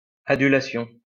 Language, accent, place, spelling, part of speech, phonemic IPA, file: French, France, Lyon, adulation, noun, /a.dy.la.sjɔ̃/, LL-Q150 (fra)-adulation.wav
- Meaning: adulation